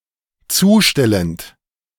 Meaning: present participle of zustellen
- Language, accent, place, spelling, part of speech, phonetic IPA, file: German, Germany, Berlin, zustellend, verb, [ˈt͡suːˌʃtɛlənt], De-zustellend.ogg